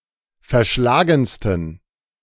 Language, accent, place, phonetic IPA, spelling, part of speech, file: German, Germany, Berlin, [fɛɐ̯ˈʃlaːɡn̩stən], verschlagensten, adjective, De-verschlagensten.ogg
- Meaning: 1. superlative degree of verschlagen 2. inflection of verschlagen: strong genitive masculine/neuter singular superlative degree